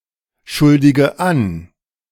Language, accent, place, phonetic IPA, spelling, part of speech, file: German, Germany, Berlin, [ˌʃʊldɪɡə ˈan], schuldige an, verb, De-schuldige an.ogg
- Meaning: inflection of anschuldigen: 1. first-person singular present 2. first/third-person singular subjunctive I 3. singular imperative